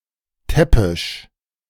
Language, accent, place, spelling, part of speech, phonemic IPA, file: German, Germany, Berlin, täppisch, adjective, /ˈtɛpɪʃ/, De-täppisch.ogg
- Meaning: clumsy, awkward